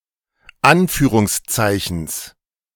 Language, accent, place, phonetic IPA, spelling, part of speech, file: German, Germany, Berlin, [ˈanfyːʁʊŋsˌt͡saɪ̯çn̩s], Anführungszeichens, noun, De-Anführungszeichens.ogg
- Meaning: genitive singular of Anführungszeichen